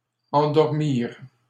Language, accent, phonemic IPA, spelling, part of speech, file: French, Canada, /ɑ̃.dɔʁ.miʁ/, endormirent, verb, LL-Q150 (fra)-endormirent.wav
- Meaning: third-person plural past historic of endormir